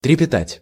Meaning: 1. to tremble, to quiver, to flicker 2. to thrill, to tremble 3. to fear, to tremble (at)
- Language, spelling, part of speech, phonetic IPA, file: Russian, трепетать, verb, [trʲɪpʲɪˈtatʲ], Ru-трепетать.ogg